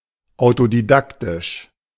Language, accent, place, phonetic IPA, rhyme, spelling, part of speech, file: German, Germany, Berlin, [aʊ̯todiˈdaktɪʃ], -aktɪʃ, autodidaktisch, adjective, De-autodidaktisch.ogg
- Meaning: autodidactic